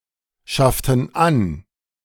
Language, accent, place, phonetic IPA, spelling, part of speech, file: German, Germany, Berlin, [ˌʃaftn̩ ˈan], schafften an, verb, De-schafften an.ogg
- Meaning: inflection of anschaffen: 1. first/third-person plural preterite 2. first/third-person plural subjunctive II